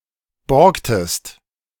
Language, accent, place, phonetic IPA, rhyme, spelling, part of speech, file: German, Germany, Berlin, [ˈbɔʁktəst], -ɔʁktəst, borgtest, verb, De-borgtest.ogg
- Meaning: inflection of borgen: 1. second-person singular preterite 2. second-person singular subjunctive II